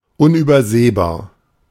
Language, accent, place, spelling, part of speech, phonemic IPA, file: German, Germany, Berlin, unübersehbar, adjective, /ʊnʔyːbɐˈzeːbaːɐ̯/, De-unübersehbar.ogg
- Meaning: 1. obvious, vast, conspicuous, unmissable 2. incalculable